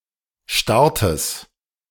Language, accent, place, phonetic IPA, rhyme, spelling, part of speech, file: German, Germany, Berlin, [ˈʃtaʁtəs], -aʁtəs, Startes, noun, De-Startes.ogg
- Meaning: genitive singular of Start